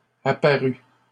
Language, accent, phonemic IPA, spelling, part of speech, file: French, Canada, /a.pa.ʁy/, apparu, verb, LL-Q150 (fra)-apparu.wav
- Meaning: past participle of apparaître